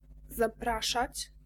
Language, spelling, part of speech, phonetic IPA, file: Polish, zapraszać, verb, [zaˈpraʃat͡ɕ], Pl-zapraszać.ogg